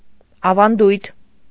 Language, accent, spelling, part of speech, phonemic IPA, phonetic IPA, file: Armenian, Eastern Armenian, ավանդույթ, noun, /ɑvɑnˈdujtʰ/, [ɑvɑndújtʰ], Hy-ավանդույթ.ogg
- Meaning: tradition